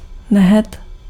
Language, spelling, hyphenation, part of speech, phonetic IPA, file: Czech, nehet, ne‧het, noun, [ˈnɛɦɛt], Cs-nehet.ogg
- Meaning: nail, fingernail